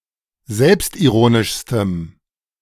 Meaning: strong dative masculine/neuter singular superlative degree of selbstironisch
- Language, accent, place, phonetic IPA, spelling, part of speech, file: German, Germany, Berlin, [ˈzɛlpstʔiˌʁoːnɪʃstəm], selbstironischstem, adjective, De-selbstironischstem.ogg